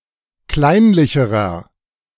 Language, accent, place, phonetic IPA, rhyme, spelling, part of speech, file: German, Germany, Berlin, [ˈklaɪ̯nlɪçəʁɐ], -aɪ̯nlɪçəʁɐ, kleinlicherer, adjective, De-kleinlicherer.ogg
- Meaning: inflection of kleinlich: 1. strong/mixed nominative masculine singular comparative degree 2. strong genitive/dative feminine singular comparative degree 3. strong genitive plural comparative degree